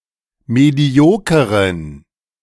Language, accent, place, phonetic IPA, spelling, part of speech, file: German, Germany, Berlin, [ˌmeˈdi̯oːkəʁən], mediokeren, adjective, De-mediokeren.ogg
- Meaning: inflection of medioker: 1. strong genitive masculine/neuter singular 2. weak/mixed genitive/dative all-gender singular 3. strong/weak/mixed accusative masculine singular 4. strong dative plural